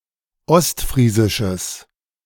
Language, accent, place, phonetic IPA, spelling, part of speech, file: German, Germany, Berlin, [ˈɔstˌfʁiːzɪʃəs], ostfriesisches, adjective, De-ostfriesisches.ogg
- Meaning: strong/mixed nominative/accusative neuter singular of ostfriesisch